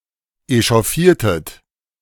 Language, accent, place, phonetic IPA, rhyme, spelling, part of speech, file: German, Germany, Berlin, [eʃɔˈfiːɐ̯tət], -iːɐ̯tət, echauffiertet, verb, De-echauffiertet.ogg
- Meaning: inflection of echauffieren: 1. second-person plural preterite 2. second-person plural subjunctive II